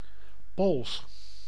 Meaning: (adjective) Polish; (proper noun) Polish (language)
- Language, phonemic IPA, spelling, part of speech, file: Dutch, /poːls/, Pools, adjective / proper noun, Nl-Pools.ogg